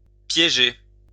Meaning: to trap (catch in a trap), to trick, to set up
- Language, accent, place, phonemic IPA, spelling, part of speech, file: French, France, Lyon, /pje.ʒe/, piéger, verb, LL-Q150 (fra)-piéger.wav